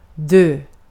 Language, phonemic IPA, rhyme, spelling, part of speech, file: Swedish, /døː/, -øː, dö, verb, Sv-dö.ogg
- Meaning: to die